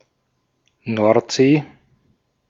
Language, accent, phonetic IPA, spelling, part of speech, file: German, Austria, [ˈnɔʁtˌz̥eː], Nordsee, proper noun, De-at-Nordsee.ogg
- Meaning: North Sea